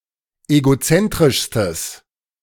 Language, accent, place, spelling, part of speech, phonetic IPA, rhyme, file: German, Germany, Berlin, egozentrischstes, adjective, [eɡoˈt͡sɛntʁɪʃstəs], -ɛntʁɪʃstəs, De-egozentrischstes.ogg
- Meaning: strong/mixed nominative/accusative neuter singular superlative degree of egozentrisch